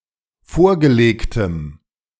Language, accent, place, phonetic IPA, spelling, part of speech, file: German, Germany, Berlin, [ˈfoːɐ̯ɡəˌleːktəm], vorgelegtem, adjective, De-vorgelegtem.ogg
- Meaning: strong dative masculine/neuter singular of vorgelegt